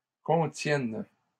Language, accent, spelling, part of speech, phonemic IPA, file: French, Canada, contiennes, verb, /kɔ̃.tjɛn/, LL-Q150 (fra)-contiennes.wav
- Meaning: second-person singular present subjunctive of contenir